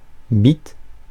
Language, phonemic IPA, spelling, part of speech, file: French, /bit/, bit, noun, Fr-bit.ogg
- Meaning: bit